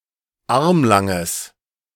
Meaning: strong/mixed nominative/accusative neuter singular of armlang
- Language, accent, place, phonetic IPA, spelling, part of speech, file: German, Germany, Berlin, [ˈaʁmlaŋəs], armlanges, adjective, De-armlanges.ogg